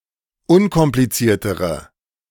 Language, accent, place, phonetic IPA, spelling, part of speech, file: German, Germany, Berlin, [ˈʊnkɔmplit͡siːɐ̯təʁə], unkompliziertere, adjective, De-unkompliziertere.ogg
- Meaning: inflection of unkompliziert: 1. strong/mixed nominative/accusative feminine singular comparative degree 2. strong nominative/accusative plural comparative degree